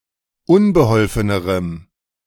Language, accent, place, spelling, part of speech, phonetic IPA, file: German, Germany, Berlin, unbeholfenerem, adjective, [ˈʊnbəˌhɔlfənəʁəm], De-unbeholfenerem.ogg
- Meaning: strong dative masculine/neuter singular comparative degree of unbeholfen